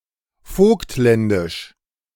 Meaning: of Vogtland or Vogtlandkreis
- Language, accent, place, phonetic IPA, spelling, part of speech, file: German, Germany, Berlin, [ˈfoːktˌlɛndɪʃ], vogtländisch, adjective, De-vogtländisch.ogg